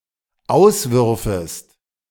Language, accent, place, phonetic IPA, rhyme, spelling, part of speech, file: German, Germany, Berlin, [ˈaʊ̯sˌvʏʁfəst], -aʊ̯svʏʁfəst, auswürfest, verb, De-auswürfest.ogg
- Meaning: second-person singular dependent subjunctive II of auswerfen